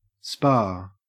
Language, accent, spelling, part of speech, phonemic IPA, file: English, Australia, spa, noun, /ˈspɐː/, En-au-spa.ogg
- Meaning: 1. A health resort near a mineral spring or hot spring 2. A trendy or fashionable resort 3. A health club 4. A hot tub 5. A convenience store